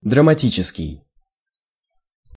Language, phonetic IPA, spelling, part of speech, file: Russian, [drəmɐˈtʲit͡ɕɪskʲɪj], драматический, adjective, Ru-драматический.ogg
- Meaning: drama; dramatic, theatrical